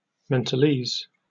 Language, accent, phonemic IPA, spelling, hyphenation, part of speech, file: English, Received Pronunciation, /ˌmɛnt(ə)lˈiːz/, mentalese, ment‧al‧ese, noun, En-uk-mentalese.oga
- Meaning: A hypothetical non-verbal language in which concepts are represented in the mind